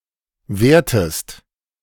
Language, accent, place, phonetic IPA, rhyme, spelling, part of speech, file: German, Germany, Berlin, [ˈveːɐ̯təst], -eːɐ̯təst, wehrtest, verb, De-wehrtest.ogg
- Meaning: inflection of wehren: 1. second-person singular preterite 2. second-person singular subjunctive II